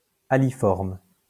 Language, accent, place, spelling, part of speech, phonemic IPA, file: French, France, Lyon, aliforme, adjective, /a.li.fɔʁm/, LL-Q150 (fra)-aliforme.wav
- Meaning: aliform